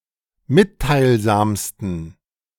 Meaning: 1. superlative degree of mitteilsam 2. inflection of mitteilsam: strong genitive masculine/neuter singular superlative degree
- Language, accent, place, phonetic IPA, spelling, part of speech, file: German, Germany, Berlin, [ˈmɪttaɪ̯lˌzaːmstn̩], mitteilsamsten, adjective, De-mitteilsamsten.ogg